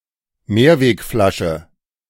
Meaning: returnable bottle
- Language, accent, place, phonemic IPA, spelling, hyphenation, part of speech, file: German, Germany, Berlin, /ˈmeːɐ̯veːkˌfɔɪ̯ɐt͡sɔɪ̯k/, Mehrwegflasche, Mehr‧weg‧fla‧sche, noun, De-Mehrwegflasche.ogg